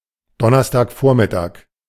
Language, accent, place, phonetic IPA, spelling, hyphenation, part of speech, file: German, Germany, Berlin, [ˈdɔnɐstaːkˌfoːɐ̯mɪtaːk], Donnerstagvormittag, Don‧ners‧tag‧vor‧mit‧tag, noun, De-Donnerstagvormittag.ogg
- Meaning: Thursday morning (time before noon)